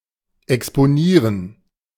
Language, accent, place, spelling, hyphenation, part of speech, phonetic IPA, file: German, Germany, Berlin, exponieren, ex‧po‧nie‧ren, verb, [ɛkspoˈniːʁən], De-exponieren.ogg
- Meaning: to expose